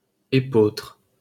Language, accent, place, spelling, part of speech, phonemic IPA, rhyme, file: French, France, Paris, épeautre, noun, /e.potʁ/, -otʁ, LL-Q150 (fra)-épeautre.wav
- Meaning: spelt (Triticum aestivum subsp. spelta or Triticum spelta)